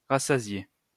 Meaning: 1. to satiate 2. to satisfy 3. to have enough of something, to get one's fill
- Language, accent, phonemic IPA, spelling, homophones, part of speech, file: French, France, /ʁa.sa.zje/, rassasier, rassasié / rassasiée / rassasiés / rassasiées / rassasiez, verb, LL-Q150 (fra)-rassasier.wav